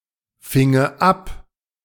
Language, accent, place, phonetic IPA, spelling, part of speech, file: German, Germany, Berlin, [ˌfɪŋə ˈap], finge ab, verb, De-finge ab.ogg
- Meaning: first/third-person singular subjunctive II of abfangen